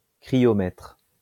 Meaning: cryometer
- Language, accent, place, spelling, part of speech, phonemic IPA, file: French, France, Lyon, cryomètre, noun, /kʁi.jɔ.mɛtʁ/, LL-Q150 (fra)-cryomètre.wav